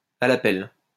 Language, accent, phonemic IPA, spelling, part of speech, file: French, France, /a la pɛl/, à la pelle, adverb, LL-Q150 (fra)-à la pelle.wav
- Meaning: in droves, in spades (in large quantities)